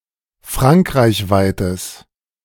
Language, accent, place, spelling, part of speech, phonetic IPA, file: German, Germany, Berlin, frankreichweites, adjective, [ˈfʁaŋkʁaɪ̯çˌvaɪ̯təs], De-frankreichweites.ogg
- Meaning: strong/mixed nominative/accusative neuter singular of frankreichweit